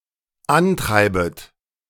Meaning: second-person plural dependent subjunctive I of antreiben
- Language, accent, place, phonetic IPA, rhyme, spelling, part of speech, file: German, Germany, Berlin, [ˈanˌtʁaɪ̯bət], -antʁaɪ̯bət, antreibet, verb, De-antreibet.ogg